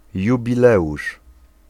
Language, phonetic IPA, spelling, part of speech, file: Polish, [ˌjubʲiˈlɛʷuʃ], jubileusz, noun, Pl-jubileusz.ogg